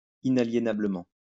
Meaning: inalienably
- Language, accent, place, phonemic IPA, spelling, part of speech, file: French, France, Lyon, /i.na.lje.na.blə.mɑ̃/, inaliénablement, adverb, LL-Q150 (fra)-inaliénablement.wav